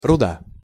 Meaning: 1. ore 2. blood
- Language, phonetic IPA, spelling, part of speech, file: Russian, [rʊˈda], руда, noun, Ru-руда.ogg